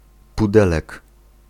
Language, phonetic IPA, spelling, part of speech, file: Polish, [puˈdɛlɛk], pudelek, noun, Pl-pudelek.ogg